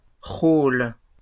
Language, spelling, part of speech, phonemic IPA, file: French, rôles, noun, /ʁol/, LL-Q150 (fra)-rôles.wav
- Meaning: plural of rôle